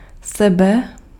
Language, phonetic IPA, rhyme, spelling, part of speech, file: Czech, [ˈsɛbɛ], -ɛbɛ, sebe, pronoun, Cs-sebe.ogg
- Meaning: oneself: 1. myself 2. yourself 3. himself 4. herself 5. itself 6. ourselves 7. yourselves 8. themselves